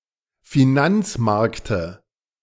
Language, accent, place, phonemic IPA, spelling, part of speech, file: German, Germany, Berlin, /fiˈnant͡sˌmaʁktə/, Finanzmarkte, noun, De-Finanzmarkte.ogg
- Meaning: dative singular of Finanzmarkt